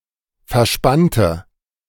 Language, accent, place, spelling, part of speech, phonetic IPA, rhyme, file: German, Germany, Berlin, verspannte, adjective / verb, [fɛɐ̯ˈʃpantə], -antə, De-verspannte.ogg
- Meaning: inflection of verspannen: 1. first/third-person singular preterite 2. first/third-person singular subjunctive II